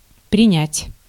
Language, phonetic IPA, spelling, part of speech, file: Russian, [prʲɪˈnʲætʲ], принять, verb, Ru-принять.ogg
- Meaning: 1. to take 2. to admit, to accept 3. to receive 4. to assume 5. to arrest, to detain, to take in